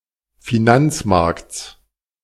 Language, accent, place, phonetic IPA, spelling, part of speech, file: German, Germany, Berlin, [fiˈnant͡sˌmaʁkt͡s], Finanzmarkts, noun, De-Finanzmarkts.ogg
- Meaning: genitive singular of Finanzmarkt